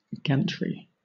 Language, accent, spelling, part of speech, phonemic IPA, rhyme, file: English, Southern England, gantry, noun, /ˈɡæntɹi/, -æntɹi, LL-Q1860 (eng)-gantry.wav
- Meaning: 1. A framework of steel bars resting on side supports to bridge over or around something 2. A supporting framework for a barrel 3. A gantry crane or gantry scaffold